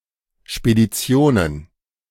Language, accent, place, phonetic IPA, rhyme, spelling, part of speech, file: German, Germany, Berlin, [ʃpediˈt͡si̯oːnən], -oːnən, Speditionen, noun, De-Speditionen.ogg
- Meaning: plural of Spedition